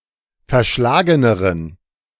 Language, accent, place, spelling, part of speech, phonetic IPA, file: German, Germany, Berlin, verschlageneren, adjective, [fɛɐ̯ˈʃlaːɡənəʁən], De-verschlageneren.ogg
- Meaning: inflection of verschlagen: 1. strong genitive masculine/neuter singular comparative degree 2. weak/mixed genitive/dative all-gender singular comparative degree